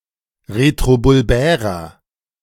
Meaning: inflection of retrobulbär: 1. strong/mixed nominative masculine singular 2. strong genitive/dative feminine singular 3. strong genitive plural
- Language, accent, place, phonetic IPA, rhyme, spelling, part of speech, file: German, Germany, Berlin, [ʁetʁobʊlˈbɛːʁɐ], -ɛːʁɐ, retrobulbärer, adjective, De-retrobulbärer.ogg